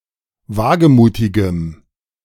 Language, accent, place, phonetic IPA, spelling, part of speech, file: German, Germany, Berlin, [ˈvaːɡəˌmuːtɪɡəm], wagemutigem, adjective, De-wagemutigem.ogg
- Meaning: strong dative masculine/neuter singular of wagemutig